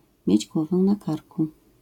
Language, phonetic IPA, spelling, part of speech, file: Polish, [ˈmʲjɛ̇d͡ʑ ˈɡwɔvɛ na‿ˈkarku], mieć głowę na karku, phrase, LL-Q809 (pol)-mieć głowę na karku.wav